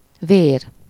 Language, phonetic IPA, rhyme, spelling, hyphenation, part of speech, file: Hungarian, [ˈveːr], -eːr, vér, vér, noun, Hu-vér.ogg
- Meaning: 1. blood 2. vigor, vitality, dynamism 3. blood sacrifice, bloodshed 4. temperament 5. someone’s inclination, propensity, disposition, nature 6. state of mind, frame of mind, mood